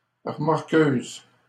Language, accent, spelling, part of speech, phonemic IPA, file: French, Canada, remorqueuse, noun, /ʁə.mɔʁ.køz/, LL-Q150 (fra)-remorqueuse.wav
- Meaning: tow truck